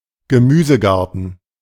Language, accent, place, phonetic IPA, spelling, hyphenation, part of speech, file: German, Germany, Berlin, [ɡəˈmyːzəˌɡaʁtn̩], Gemüsegarten, Ge‧mü‧se‧gar‧ten, noun, De-Gemüsegarten.ogg
- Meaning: vegetable garden